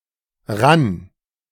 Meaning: first/third-person singular preterite of rinnen
- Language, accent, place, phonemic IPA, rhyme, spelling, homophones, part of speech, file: German, Germany, Berlin, /ʁan/, -an, rann, ran, verb, De-rann.ogg